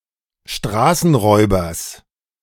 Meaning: genitive singular of Straßenräuber
- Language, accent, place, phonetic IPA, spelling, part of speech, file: German, Germany, Berlin, [ˈʃtʁaːsn̩ˌʁɔɪ̯bɐs], Straßenräubers, noun, De-Straßenräubers.ogg